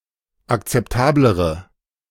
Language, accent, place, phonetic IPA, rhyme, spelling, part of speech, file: German, Germany, Berlin, [akt͡sɛpˈtaːbləʁə], -aːbləʁə, akzeptablere, adjective, De-akzeptablere.ogg
- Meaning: inflection of akzeptabel: 1. strong/mixed nominative/accusative feminine singular comparative degree 2. strong nominative/accusative plural comparative degree